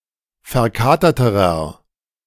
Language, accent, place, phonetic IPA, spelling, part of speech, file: German, Germany, Berlin, [fɛɐ̯ˈkaːtɐtəʁɐ], verkaterterer, adjective, De-verkaterterer.ogg
- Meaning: inflection of verkatert: 1. strong/mixed nominative masculine singular comparative degree 2. strong genitive/dative feminine singular comparative degree 3. strong genitive plural comparative degree